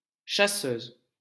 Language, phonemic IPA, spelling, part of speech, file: French, /ʃa.søz/, chasseuse, noun, LL-Q150 (fra)-chasseuse.wav
- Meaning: female equivalent of chasseur